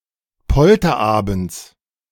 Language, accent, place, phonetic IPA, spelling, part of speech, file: German, Germany, Berlin, [ˈpɔltɐˌʔaːbn̩t͡s], Polterabends, noun, De-Polterabends.ogg
- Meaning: genitive singular of Polterabend